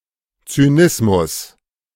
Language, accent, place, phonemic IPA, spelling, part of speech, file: German, Germany, Berlin, /t͡syːˈnɪsmʊs/, Zynismus, noun, De-Zynismus.ogg
- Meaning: cynicism